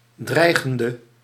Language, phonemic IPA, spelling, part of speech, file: Dutch, /ˈdrɛiɣəndə/, dreigende, adjective / verb, Nl-dreigende.ogg
- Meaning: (adjective) inflection of dreigend: 1. masculine/feminine singular attributive 2. definite neuter singular attributive 3. plural attributive